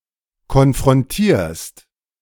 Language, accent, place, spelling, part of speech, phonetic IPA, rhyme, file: German, Germany, Berlin, konfrontierst, verb, [kɔnfʁɔnˈtiːɐ̯st], -iːɐ̯st, De-konfrontierst.ogg
- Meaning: second-person singular present of konfrontieren